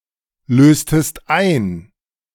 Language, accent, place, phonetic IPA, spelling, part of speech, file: German, Germany, Berlin, [ˌløːstəst ˈaɪ̯n], löstest ein, verb, De-löstest ein.ogg
- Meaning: inflection of einlösen: 1. second-person singular preterite 2. second-person singular subjunctive II